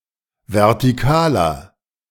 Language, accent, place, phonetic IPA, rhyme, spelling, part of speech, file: German, Germany, Berlin, [vɛʁtiˈkaːlɐ], -aːlɐ, vertikaler, adjective, De-vertikaler.ogg
- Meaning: inflection of vertikal: 1. strong/mixed nominative masculine singular 2. strong genitive/dative feminine singular 3. strong genitive plural